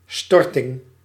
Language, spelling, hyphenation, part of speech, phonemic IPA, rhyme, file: Dutch, storting, stor‧ting, noun, /ˈstɔrtɪŋ/, -ɔrtɪŋ, Nl-storting.ogg
- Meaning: 1. dumping 2. deposition of money into a bank account